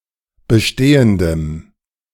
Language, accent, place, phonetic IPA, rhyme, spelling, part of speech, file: German, Germany, Berlin, [bəˈʃteːəndəm], -eːəndəm, bestehendem, adjective, De-bestehendem.ogg
- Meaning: strong dative masculine/neuter singular of bestehend